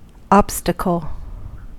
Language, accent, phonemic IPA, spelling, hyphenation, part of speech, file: English, US, /ˈɑbstəkəl/, obstacle, ob‧sta‧cle, noun, En-us-obstacle.ogg
- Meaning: Something that impedes, stands in the way of, or holds up progress, either physically or figuratively